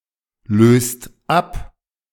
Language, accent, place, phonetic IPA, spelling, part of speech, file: German, Germany, Berlin, [ˌløːst ˈap], löst ab, verb, De-löst ab.ogg
- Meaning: inflection of ablösen: 1. second-person singular/plural present 2. third-person singular present 3. plural imperative